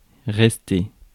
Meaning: 1. to stay 2. to remain, be left over 3. to stay, to remain (to continue to have a particular quality) 4. to rest 5. to live
- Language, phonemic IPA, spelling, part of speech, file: French, /ʁɛs.te/, rester, verb, Fr-rester.ogg